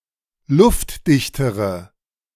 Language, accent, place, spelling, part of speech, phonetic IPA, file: German, Germany, Berlin, luftdichtere, adjective, [ˈlʊftˌdɪçtəʁə], De-luftdichtere.ogg
- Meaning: inflection of luftdicht: 1. strong/mixed nominative/accusative feminine singular comparative degree 2. strong nominative/accusative plural comparative degree